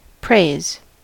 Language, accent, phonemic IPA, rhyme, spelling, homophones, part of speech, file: English, General American, /pɹeɪz/, -eɪz, praise, prays / preys, noun / verb, En-us-praise.ogg
- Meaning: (noun) 1. Commendation; favourable representation in words 2. Worship, glorification, adoration; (verb) To give praise to; to commend, glorify, or worship